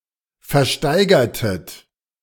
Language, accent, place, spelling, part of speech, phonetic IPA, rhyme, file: German, Germany, Berlin, versteigertet, verb, [fɛɐ̯ˈʃtaɪ̯ɡɐtət], -aɪ̯ɡɐtət, De-versteigertet.ogg
- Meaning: inflection of versteigern: 1. second-person plural preterite 2. second-person plural subjunctive II